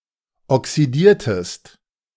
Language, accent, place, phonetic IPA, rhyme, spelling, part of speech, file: German, Germany, Berlin, [ɔksiˈdiːɐ̯təst], -iːɐ̯təst, oxidiertest, verb, De-oxidiertest.ogg
- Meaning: inflection of oxidieren: 1. second-person singular preterite 2. second-person singular subjunctive II